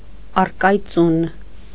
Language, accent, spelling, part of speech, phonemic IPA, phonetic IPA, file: Armenian, Eastern Armenian, առկայծուն, adjective, /ɑrkɑjˈt͡sun/, [ɑrkɑjt͡sún], Hy-առկայծուն.ogg
- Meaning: 1. fading, waning, dimming 2. act of shining, sparkling, glimmering